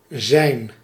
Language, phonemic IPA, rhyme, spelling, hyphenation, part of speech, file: Dutch, /zɛi̯n/, -ɛi̯n, zijn, zijn, verb / determiner, Nl-zijn.ogg
- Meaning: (verb) 1. to be, to exist 2. Used to connect a noun to an adjective that describes it 3. Used to form the perfect tense of the active voice of some verbs, together with a past participle